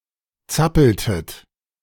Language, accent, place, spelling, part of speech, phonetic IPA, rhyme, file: German, Germany, Berlin, zappeltet, verb, [ˈt͡sapl̩tət], -apl̩tət, De-zappeltet.ogg
- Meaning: inflection of zappeln: 1. second-person plural preterite 2. second-person plural subjunctive II